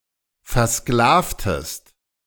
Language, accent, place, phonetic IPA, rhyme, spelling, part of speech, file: German, Germany, Berlin, [ˌfɛɐ̯ˈsklaːftəst], -aːftəst, versklavtest, verb, De-versklavtest.ogg
- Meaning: inflection of versklaven: 1. second-person singular preterite 2. second-person singular subjunctive II